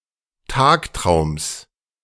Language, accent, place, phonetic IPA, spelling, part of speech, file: German, Germany, Berlin, [ˈtaːkˌtʁaʊ̯ms], Tagtraums, noun, De-Tagtraums.ogg
- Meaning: genitive singular of Tagtraum